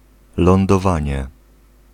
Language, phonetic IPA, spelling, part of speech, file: Polish, [ˌlɔ̃ndɔˈvãɲɛ], lądowanie, noun, Pl-lądowanie.ogg